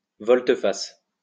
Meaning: 1. U-turn; about face (act of turning round 180 degrees) 2. U-turn; volte-face
- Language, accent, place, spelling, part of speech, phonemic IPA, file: French, France, Lyon, volte-face, noun, /vɔl.t(ə).fas/, LL-Q150 (fra)-volte-face.wav